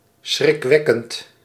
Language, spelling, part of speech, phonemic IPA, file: Dutch, schrikwekkend, adjective / adverb, /sxrɪkˈwɛkənt/, Nl-schrikwekkend.ogg
- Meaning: frightening